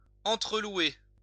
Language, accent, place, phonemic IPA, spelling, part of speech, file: French, France, Lyon, /ɑ̃.tʁə.lwe/, entre-louer, verb, LL-Q150 (fra)-entre-louer.wav
- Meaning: to praise one another